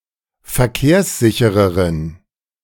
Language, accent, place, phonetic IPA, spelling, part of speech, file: German, Germany, Berlin, [fɛɐ̯ˈkeːɐ̯sˌzɪçəʁəʁən], verkehrssichereren, adjective, De-verkehrssichereren.ogg
- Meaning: inflection of verkehrssicher: 1. strong genitive masculine/neuter singular comparative degree 2. weak/mixed genitive/dative all-gender singular comparative degree